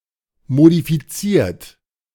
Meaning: 1. past participle of modifizieren 2. inflection of modifizieren: third-person singular present 3. inflection of modifizieren: second-person plural present
- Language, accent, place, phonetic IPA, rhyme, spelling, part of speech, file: German, Germany, Berlin, [modifiˈt͡siːɐ̯t], -iːɐ̯t, modifiziert, verb, De-modifiziert.ogg